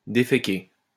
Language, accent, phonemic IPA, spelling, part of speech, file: French, France, /de.fe.ke/, déféqué, verb, LL-Q150 (fra)-déféqué.wav
- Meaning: past participle of déféquer